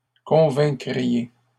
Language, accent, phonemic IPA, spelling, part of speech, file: French, Canada, /kɔ̃.vɛ̃.kʁi.je/, convaincriez, verb, LL-Q150 (fra)-convaincriez.wav
- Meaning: second-person plural conditional of convaincre